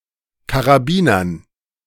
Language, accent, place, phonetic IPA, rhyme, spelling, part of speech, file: German, Germany, Berlin, [kaʁaˈbiːnɐn], -iːnɐn, Karabinern, noun, De-Karabinern.ogg
- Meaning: dative plural of Karabiner